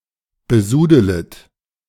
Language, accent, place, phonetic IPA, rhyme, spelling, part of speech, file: German, Germany, Berlin, [bəˈzuːdələt], -uːdələt, besudelet, verb, De-besudelet.ogg
- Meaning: second-person plural subjunctive I of besudeln